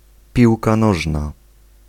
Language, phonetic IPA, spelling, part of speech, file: Polish, [ˈpʲiwka ˈnɔʒna], piłka nożna, noun, Pl-piłka nożna.ogg